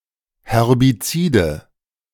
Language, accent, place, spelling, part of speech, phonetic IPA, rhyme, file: German, Germany, Berlin, Herbizide, noun, [hɛʁbiˈt͡siːdə], -iːdə, De-Herbizide.ogg
- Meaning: nominative/accusative/genitive plural of Herbizid